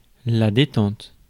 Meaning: 1. relaxation, détente 2. trigger (firearms) 3. height to which one is able to jump 4. expansion of a gas or a spring
- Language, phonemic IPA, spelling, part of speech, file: French, /de.tɑ̃t/, détente, noun, Fr-détente.ogg